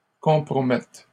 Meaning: first/third-person singular present subjunctive of compromettre
- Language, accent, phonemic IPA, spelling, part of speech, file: French, Canada, /kɔ̃.pʁɔ.mɛt/, compromette, verb, LL-Q150 (fra)-compromette.wav